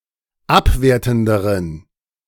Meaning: inflection of abwertend: 1. strong genitive masculine/neuter singular comparative degree 2. weak/mixed genitive/dative all-gender singular comparative degree
- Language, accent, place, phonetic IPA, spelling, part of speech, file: German, Germany, Berlin, [ˈapˌveːɐ̯tn̩dəʁən], abwertenderen, adjective, De-abwertenderen.ogg